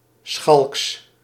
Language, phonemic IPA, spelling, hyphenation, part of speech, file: Dutch, /sxɑlks/, schalks, schalks, adjective, Nl-schalks.ogg
- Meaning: teasing, naughty